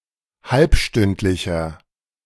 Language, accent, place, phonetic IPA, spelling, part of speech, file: German, Germany, Berlin, [ˈhalpˌʃtʏntlɪçɐ], halbstündlicher, adjective, De-halbstündlicher.ogg
- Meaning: inflection of halbstündlich: 1. strong/mixed nominative masculine singular 2. strong genitive/dative feminine singular 3. strong genitive plural